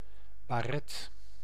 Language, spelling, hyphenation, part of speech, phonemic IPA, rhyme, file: Dutch, baret, ba‧ret, noun, /baːˈrɛt/, -ɛt, Nl-baret.ogg
- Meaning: 1. a beret, type of cap, also used as part some military uniforms 2. the same in heraldry